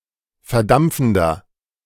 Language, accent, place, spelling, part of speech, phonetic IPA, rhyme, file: German, Germany, Berlin, verdampfender, adjective, [fɛɐ̯ˈdamp͡fn̩dɐ], -amp͡fn̩dɐ, De-verdampfender.ogg
- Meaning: inflection of verdampfend: 1. strong/mixed nominative masculine singular 2. strong genitive/dative feminine singular 3. strong genitive plural